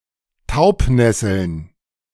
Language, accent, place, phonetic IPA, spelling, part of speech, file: German, Germany, Berlin, [ˈtaʊ̯pˌnɛsl̩n], Taubnesseln, noun, De-Taubnesseln.ogg
- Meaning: plural of Taubnessel